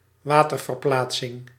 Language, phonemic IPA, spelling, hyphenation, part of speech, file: Dutch, /ˈʋaː.tər.vərˌplaːt.sɪŋ/, waterverplaatsing, wa‧ter‧ver‧plaat‧sing, noun, Nl-waterverplaatsing.ogg
- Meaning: water displacement (volume of water displaced by an object)